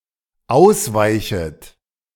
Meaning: second-person plural dependent subjunctive I of ausweichen
- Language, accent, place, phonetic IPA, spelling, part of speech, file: German, Germany, Berlin, [ˈaʊ̯sˌvaɪ̯çət], ausweichet, verb, De-ausweichet.ogg